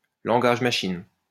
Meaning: machine language
- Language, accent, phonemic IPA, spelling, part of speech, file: French, France, /lɑ̃.ɡaʒ ma.ʃin/, langage machine, noun, LL-Q150 (fra)-langage machine.wav